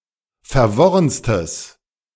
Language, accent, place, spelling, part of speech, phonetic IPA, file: German, Germany, Berlin, verworrenstes, adjective, [fɛɐ̯ˈvɔʁənstəs], De-verworrenstes.ogg
- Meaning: strong/mixed nominative/accusative neuter singular superlative degree of verworren